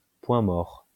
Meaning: 1. dead centre 2. neutral (the position of a set of gears) 3. standstill, deadlock
- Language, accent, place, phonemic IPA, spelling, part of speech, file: French, France, Lyon, /pwɛ̃ mɔʁ/, point mort, noun, LL-Q150 (fra)-point mort.wav